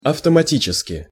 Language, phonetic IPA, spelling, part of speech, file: Russian, [ɐftəmɐˈtʲit͡ɕɪskʲɪ], автоматически, adverb, Ru-автоматически.ogg
- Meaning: automatically, mechanically (in an automatic manner)